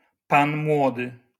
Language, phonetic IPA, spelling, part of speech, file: Polish, [ˈpãn ˈmwɔdɨ], pan młody, noun, LL-Q809 (pol)-pan młody.wav